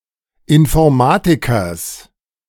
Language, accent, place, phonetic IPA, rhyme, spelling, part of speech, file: German, Germany, Berlin, [ɪnfɔʁˈmaːtɪkɐs], -aːtɪkɐs, Informatikers, noun, De-Informatikers.ogg
- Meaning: genitive singular of Informatiker